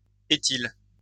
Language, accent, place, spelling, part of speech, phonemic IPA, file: French, France, Lyon, éthyle, noun, /e.til/, LL-Q150 (fra)-éthyle.wav
- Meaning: ethyl